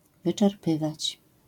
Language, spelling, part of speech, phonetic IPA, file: Polish, wyczerpywać, verb, [ˌvɨt͡ʃɛrˈpɨvat͡ɕ], LL-Q809 (pol)-wyczerpywać.wav